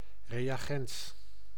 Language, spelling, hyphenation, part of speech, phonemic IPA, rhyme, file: Dutch, reagens, re‧a‧gens, noun, /ˌreː.aːˈɣɛns/, -ɛns, Nl-reagens.ogg
- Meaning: reagent